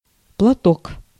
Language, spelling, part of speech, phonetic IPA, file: Russian, платок, noun, [pɫɐˈtok], Ru-платок.ogg
- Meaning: 1. handkerchief, kerchief 2. shawl, headscarf